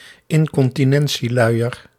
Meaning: incontinence nappy, incontinence diaper
- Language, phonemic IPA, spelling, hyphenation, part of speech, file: Dutch, /ɪn.kɔn.tiˈnɛn.siˌlœy̯.ər/, incontinentieluier, in‧con‧ti‧nen‧tie‧lui‧er, noun, Nl-incontinentieluier.ogg